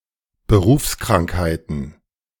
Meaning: plural of Berufskrankheit
- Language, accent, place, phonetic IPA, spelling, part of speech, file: German, Germany, Berlin, [ˈbəˈʁuːfskʁaŋkhaɪ̯tən], Berufskrankheiten, noun, De-Berufskrankheiten.ogg